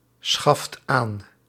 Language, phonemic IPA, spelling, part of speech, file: Dutch, /ˈsxɑft ˈan/, schaft aan, verb, Nl-schaft aan.ogg
- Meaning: inflection of aanschaffen: 1. second/third-person singular present indicative 2. plural imperative